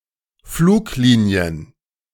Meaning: plural of Fluglinie
- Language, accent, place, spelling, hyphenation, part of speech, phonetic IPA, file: German, Germany, Berlin, Fluglinien, Flug‧li‧ni‧en, noun, [ˈfluːkˌliːni̯ən], De-Fluglinien.ogg